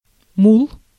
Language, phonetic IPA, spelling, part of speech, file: Russian, [muɫ], мул, noun, Ru-мул.ogg
- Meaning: mule (the generally sterile male or female hybrid offspring of a male donkey and a female horse)